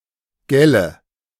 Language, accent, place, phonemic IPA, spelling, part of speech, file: German, Germany, Berlin, /ˈɡɛlə/, gelle, verb / particle, De-gelle.ogg
- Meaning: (verb) inflection of gellen: 1. first-person singular present 2. first/third-person singular subjunctive I 3. singular imperative; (particle) alternative form of gell (“isn't it?”)